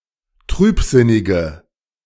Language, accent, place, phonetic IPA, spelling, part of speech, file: German, Germany, Berlin, [ˈtʁyːpˌzɪnɪɡə], trübsinnige, adjective, De-trübsinnige.ogg
- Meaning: inflection of trübsinnig: 1. strong/mixed nominative/accusative feminine singular 2. strong nominative/accusative plural 3. weak nominative all-gender singular